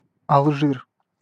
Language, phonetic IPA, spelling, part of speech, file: Russian, [ɐɫˈʐɨr], Алжир, proper noun, Ru-Алжир.ogg
- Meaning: 1. Algeria (a country in North Africa) 2. Algiers (the capital and largest city of Algeria)